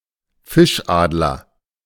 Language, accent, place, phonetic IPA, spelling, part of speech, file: German, Germany, Berlin, [ˈfɪʃˌʔaːdlɐ], Fischadler, noun, De-Fischadler.ogg
- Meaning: osprey